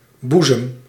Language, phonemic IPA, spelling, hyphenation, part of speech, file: Dutch, /ˈbu.zəm/, boezem, boe‧zem, noun, Nl-boezem.ogg
- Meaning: bosom: 1. human chest (regardless of gender) 2. female breasts 3. as the seat of emotion